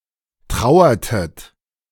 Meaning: inflection of trauern: 1. second-person plural preterite 2. second-person plural subjunctive II
- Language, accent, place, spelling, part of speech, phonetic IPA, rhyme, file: German, Germany, Berlin, trauertet, verb, [ˈtʁaʊ̯ɐtət], -aʊ̯ɐtət, De-trauertet.ogg